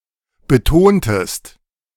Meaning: inflection of betonen: 1. second-person singular preterite 2. second-person singular subjunctive II
- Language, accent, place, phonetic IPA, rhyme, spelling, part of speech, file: German, Germany, Berlin, [bəˈtoːntəst], -oːntəst, betontest, verb, De-betontest.ogg